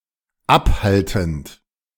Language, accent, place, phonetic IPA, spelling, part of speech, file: German, Germany, Berlin, [ˈapˌhaltn̩t], abhaltend, verb, De-abhaltend.ogg
- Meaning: present participle of abhalten